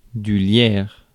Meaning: ivy
- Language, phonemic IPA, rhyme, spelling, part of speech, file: French, /ljɛʁ/, -jɛʁ, lierre, noun, Fr-lierre.ogg